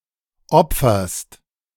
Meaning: second-person singular present of opfern
- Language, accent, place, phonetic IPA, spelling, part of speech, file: German, Germany, Berlin, [ˈɔp͡fɐst], opferst, verb, De-opferst.ogg